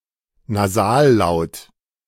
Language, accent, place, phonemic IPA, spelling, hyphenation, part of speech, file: German, Germany, Berlin, /naˈzaːlˌlaʊ̯t/, Nasallaut, Na‧sal‧laut, noun, De-Nasallaut.ogg
- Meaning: nasal